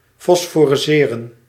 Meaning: to phosphoresce
- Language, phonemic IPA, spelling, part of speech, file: Dutch, /fɔsfɔrɛˈseːrə(n)/, fosforesceren, verb, Nl-fosforesceren.ogg